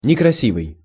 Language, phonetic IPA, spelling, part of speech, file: Russian, [nʲɪkrɐˈsʲivɨj], некрасивый, adjective, Ru-некрасивый.ogg
- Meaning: 1. ugly, (Canada, US) homely 2. dissonant, unpleasant to the ear 3. mean, ugly, not nice